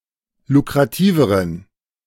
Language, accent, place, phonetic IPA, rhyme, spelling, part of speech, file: German, Germany, Berlin, [lukʁaˈtiːvəʁən], -iːvəʁən, lukrativeren, adjective, De-lukrativeren.ogg
- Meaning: inflection of lukrativ: 1. strong genitive masculine/neuter singular comparative degree 2. weak/mixed genitive/dative all-gender singular comparative degree